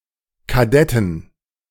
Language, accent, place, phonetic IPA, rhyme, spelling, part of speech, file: German, Germany, Berlin, [kaˈdɛtn̩], -ɛtn̩, Kadetten, noun, De-Kadetten.ogg
- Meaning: 1. genitive singular of Kadett 2. plural of Kadett